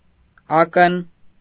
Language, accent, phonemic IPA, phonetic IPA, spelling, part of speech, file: Armenian, Eastern Armenian, /ˈɑkən/, [ɑ́kən], ակն, noun, Hy-ակն.ogg
- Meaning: eye